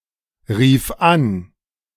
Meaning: first/third-person singular preterite of anrufen
- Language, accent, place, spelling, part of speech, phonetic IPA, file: German, Germany, Berlin, rief an, verb, [ˌʁiːf ˈan], De-rief an.ogg